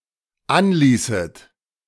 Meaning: second-person plural dependent subjunctive II of anlassen
- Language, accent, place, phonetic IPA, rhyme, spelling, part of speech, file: German, Germany, Berlin, [ˈanˌliːsət], -anliːsət, anließet, verb, De-anließet.ogg